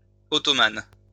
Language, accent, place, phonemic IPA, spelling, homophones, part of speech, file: French, France, Lyon, /ɔ.tɔ.man/, ottomane, ottomanes, noun / adjective, LL-Q150 (fra)-ottomane.wav
- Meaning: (noun) ottoman; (adjective) feminine singular of ottoman